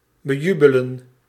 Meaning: to cause to become jubilant, to cheer for
- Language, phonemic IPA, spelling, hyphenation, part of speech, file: Dutch, /bəˈjybələ(n)/, bejubelen, be‧ju‧be‧len, verb, Nl-bejubelen.ogg